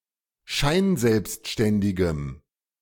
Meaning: strong dative masculine/neuter singular of scheinselbstständig
- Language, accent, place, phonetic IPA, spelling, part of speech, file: German, Germany, Berlin, [ˈʃaɪ̯nˌzɛlpstʃtɛndɪɡəm], scheinselbstständigem, adjective, De-scheinselbstständigem.ogg